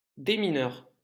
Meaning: 1. minesweeper 2. deminer (bomb disposal expert)
- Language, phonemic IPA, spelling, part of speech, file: French, /de.mi.nœʁ/, démineur, noun, LL-Q150 (fra)-démineur.wav